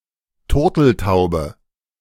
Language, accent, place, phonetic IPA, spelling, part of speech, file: German, Germany, Berlin, [ˈtʊʁtl̩taʊ̯bə], Turteltaube, noun, De-Turteltaube.ogg
- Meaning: 1. turtle dove (also spelled: turtledove, turtle-dove) 2. a lovebird; either of the members of an openly affectionate couple